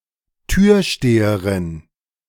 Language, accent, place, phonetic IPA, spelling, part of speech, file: German, Germany, Berlin, [ˈtyːɐ̯ˌʃteːəʁɪn], Türsteherin, noun, De-Türsteherin.ogg
- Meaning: female equivalent of Türsteher